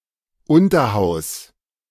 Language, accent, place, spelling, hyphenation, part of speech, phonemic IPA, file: German, Germany, Berlin, Unterhaus, Un‧ter‧haus, noun, /ˈʊntɐˌhaʊ̯s/, De-Unterhaus.ogg
- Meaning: 1. lower house, second chamber (e.g. the UK House of Commons, the US House of Representatives etc.) 2. second tier, the second highest league